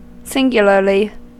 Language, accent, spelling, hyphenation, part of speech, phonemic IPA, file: English, US, singularly, sin‧gu‧lar‧ly, adverb, /ˈsɪŋɡjəlɚli/, En-us-singularly.ogg
- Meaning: 1. Strangely; oddly 2. Extremely; remarkably 3. In the singular number; in terms of a single thing 4. solely; only; uniquely